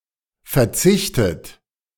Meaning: 1. past participle of verzichten 2. inflection of verzichten: third-person singular present 3. inflection of verzichten: second-person plural present 4. inflection of verzichten: plural imperative
- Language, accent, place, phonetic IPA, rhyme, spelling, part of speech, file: German, Germany, Berlin, [fɛɐ̯ˈt͡sɪçtət], -ɪçtət, verzichtet, verb, De-verzichtet.ogg